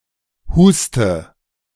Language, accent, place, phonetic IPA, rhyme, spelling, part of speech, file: German, Germany, Berlin, [ˈhuːstə], -uːstə, huste, verb, De-huste.ogg
- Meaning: inflection of husten: 1. first-person singular present 2. first/third-person singular subjunctive I 3. singular imperative